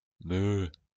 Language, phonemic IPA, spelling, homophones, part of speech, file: French, /mø/, meuh, meus / meut, interjection, LL-Q150 (fra)-meuh.wav
- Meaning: moo